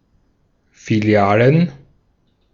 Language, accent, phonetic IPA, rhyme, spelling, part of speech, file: German, Austria, [fiˈli̯aːlən], -aːlən, Filialen, noun, De-at-Filialen.ogg
- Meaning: plural of Filiale